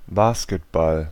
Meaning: basketball
- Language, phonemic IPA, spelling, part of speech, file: German, /ˈbaːskətˌbal/, Basketball, noun, De-Basketball.ogg